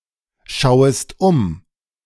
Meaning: second-person singular subjunctive I of umschauen
- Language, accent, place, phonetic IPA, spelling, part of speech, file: German, Germany, Berlin, [ˌʃaʊ̯əst ˈʊm], schauest um, verb, De-schauest um.ogg